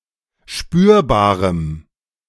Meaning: strong dative masculine/neuter singular of spürbar
- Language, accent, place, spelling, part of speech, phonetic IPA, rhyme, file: German, Germany, Berlin, spürbarem, adjective, [ˈʃpyːɐ̯baːʁəm], -yːɐ̯baːʁəm, De-spürbarem.ogg